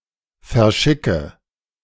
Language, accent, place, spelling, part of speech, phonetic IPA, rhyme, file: German, Germany, Berlin, verschicke, verb, [fɛɐ̯ˈʃɪkə], -ɪkə, De-verschicke.ogg
- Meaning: inflection of verschicken: 1. first-person singular present 2. singular imperative 3. first/third-person singular subjunctive I